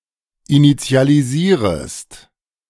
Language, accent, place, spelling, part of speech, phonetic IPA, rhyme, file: German, Germany, Berlin, initialisierest, verb, [init͡si̯aliˈziːʁəst], -iːʁəst, De-initialisierest.ogg
- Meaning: second-person singular subjunctive I of initialisieren